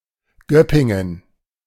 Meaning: a town and rural district near Stuttgart in Baden-Württemberg, Germany
- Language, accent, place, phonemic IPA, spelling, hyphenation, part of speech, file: German, Germany, Berlin, /ˈɡœpɪŋən/, Göppingen, Göp‧pin‧gen, proper noun, De-Göppingen.ogg